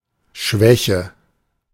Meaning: weakness
- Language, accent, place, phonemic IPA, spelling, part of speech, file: German, Germany, Berlin, /ˈʃvɛçə/, Schwäche, noun, De-Schwäche.ogg